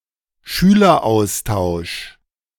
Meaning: student exchange program
- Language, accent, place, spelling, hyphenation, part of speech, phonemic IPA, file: German, Germany, Berlin, Schüleraustausch, Schü‧ler‧aus‧tausch, noun, /ˈʃyːlɐˌaʊ̯staʊ̯ʃ/, De-Schüleraustausch.ogg